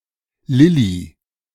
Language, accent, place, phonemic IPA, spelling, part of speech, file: German, Germany, Berlin, /ˈlɪli/, Lilli, proper noun, De-Lilli.ogg
- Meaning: a diminutive of the female given name Elisabeth